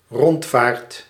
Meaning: a boat excursion, a short cruise, a round trip on the water
- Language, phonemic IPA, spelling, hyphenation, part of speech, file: Dutch, /ˈrɔnt.faːrt/, rondvaart, rond‧vaart, noun, Nl-rondvaart.ogg